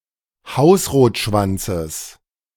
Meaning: genitive singular of Hausrotschwanz
- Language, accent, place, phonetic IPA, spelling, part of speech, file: German, Germany, Berlin, [ˈhaʊ̯sʁoːtˌʃvant͡səs], Hausrotschwanzes, noun, De-Hausrotschwanzes.ogg